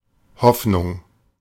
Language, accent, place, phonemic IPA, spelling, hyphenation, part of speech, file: German, Germany, Berlin, /ˈhɔfnʊŋ/, Hoffnung, Hoff‧nung, noun, De-Hoffnung.ogg
- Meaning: 1. hope, the belief or expectation that something wished for can or will really happen 2. hope, the actual thing wished for 3. hope, a person or thing that is a source of hope